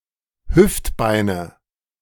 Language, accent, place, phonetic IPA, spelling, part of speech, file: German, Germany, Berlin, [ˈhʏftˌbaɪ̯nə], Hüftbeine, noun, De-Hüftbeine.ogg
- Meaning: nominative/accusative/genitive plural of Hüftbein